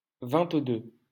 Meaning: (numeral) twenty-two; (interjection) scram! (a warning to run away or hide, especially when the cops are coming)
- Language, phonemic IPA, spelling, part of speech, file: French, /vɛ̃t.dø/, vingt-deux, numeral / interjection, LL-Q150 (fra)-vingt-deux.wav